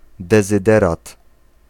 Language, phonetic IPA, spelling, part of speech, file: Polish, [ˌdɛzɨˈdɛrat], dezyderat, noun, Pl-dezyderat.ogg